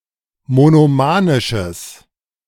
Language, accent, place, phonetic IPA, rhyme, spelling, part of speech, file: German, Germany, Berlin, [monoˈmaːnɪʃəs], -aːnɪʃəs, monomanisches, adjective, De-monomanisches.ogg
- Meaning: strong/mixed nominative/accusative neuter singular of monomanisch